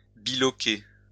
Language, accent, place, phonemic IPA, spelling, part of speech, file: French, France, Lyon, /bi.lɔ.ke/, biloquer, verb, LL-Q150 (fra)-biloquer.wav
- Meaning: to plough deeply